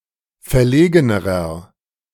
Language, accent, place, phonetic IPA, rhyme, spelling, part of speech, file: German, Germany, Berlin, [fɛɐ̯ˈleːɡənəʁɐ], -eːɡənəʁɐ, verlegenerer, adjective, De-verlegenerer.ogg
- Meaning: inflection of verlegen: 1. strong/mixed nominative masculine singular comparative degree 2. strong genitive/dative feminine singular comparative degree 3. strong genitive plural comparative degree